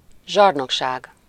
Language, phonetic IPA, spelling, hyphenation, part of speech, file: Hungarian, [ˈʒɒrnokʃaːɡ], zsarnokság, zsar‧nok‧ság, noun, Hu-zsarnokság.ogg
- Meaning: tyranny